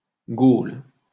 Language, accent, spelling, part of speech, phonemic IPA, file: French, France, Gaule, proper noun, /ɡol/, LL-Q150 (fra)-Gaule.wav